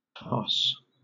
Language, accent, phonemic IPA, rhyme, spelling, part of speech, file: English, Southern England, /tɑːɹs/, -ɑːɹs, tarse, noun, LL-Q1860 (eng)-tarse.wav
- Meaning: 1. The penis 2. The tarsus (seven bones in the ankle) 3. A male falcon